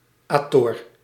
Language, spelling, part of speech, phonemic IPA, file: Dutch, -ator, suffix, /ˈaː.tɔr/, Nl--ator.ogg
- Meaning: used to form agent nouns, usually from verbs that have the ending -eren